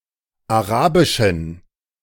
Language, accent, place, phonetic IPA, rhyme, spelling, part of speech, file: German, Germany, Berlin, [aˈʁaːbɪʃn̩], -aːbɪʃn̩, arabischen, adjective, De-arabischen.ogg
- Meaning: inflection of arabisch: 1. strong genitive masculine/neuter singular 2. weak/mixed genitive/dative all-gender singular 3. strong/weak/mixed accusative masculine singular 4. strong dative plural